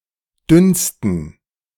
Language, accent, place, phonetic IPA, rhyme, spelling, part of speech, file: German, Germany, Berlin, [ˈdʏnstn̩], -ʏnstn̩, dünnsten, adjective, De-dünnsten.ogg
- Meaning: 1. superlative degree of dünn 2. inflection of dünn: strong genitive masculine/neuter singular superlative degree